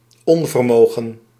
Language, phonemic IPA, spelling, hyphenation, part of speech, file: Dutch, /ˈɔn.vərˈmoːɣə(n)/, onvermogen, on‧ver‧mo‧gen, noun, Nl-onvermogen.ogg
- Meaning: incapacity, inability